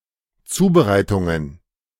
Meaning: plural of Zubereitung
- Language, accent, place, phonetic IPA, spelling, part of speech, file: German, Germany, Berlin, [ˈt͡suːbəˌʁaɪ̯tʊŋən], Zubereitungen, noun, De-Zubereitungen.ogg